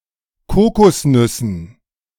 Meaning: dative plural of Kokosnuss
- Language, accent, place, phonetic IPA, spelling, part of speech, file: German, Germany, Berlin, [ˈkoːkɔsˌnʏsn̩], Kokosnüssen, noun, De-Kokosnüssen.ogg